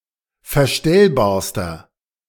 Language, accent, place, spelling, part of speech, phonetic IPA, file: German, Germany, Berlin, verstellbarster, adjective, [fɛɐ̯ˈʃtɛlbaːɐ̯stɐ], De-verstellbarster.ogg
- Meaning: inflection of verstellbar: 1. strong/mixed nominative masculine singular superlative degree 2. strong genitive/dative feminine singular superlative degree 3. strong genitive plural superlative degree